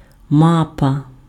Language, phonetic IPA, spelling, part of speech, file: Ukrainian, [ˈmapɐ], мапа, noun, Uk-мапа.ogg
- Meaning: map (visual representation of an area)